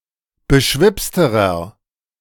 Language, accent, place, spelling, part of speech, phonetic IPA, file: German, Germany, Berlin, beschwipsterer, adjective, [bəˈʃvɪpstəʁɐ], De-beschwipsterer.ogg
- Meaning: inflection of beschwipst: 1. strong/mixed nominative masculine singular comparative degree 2. strong genitive/dative feminine singular comparative degree 3. strong genitive plural comparative degree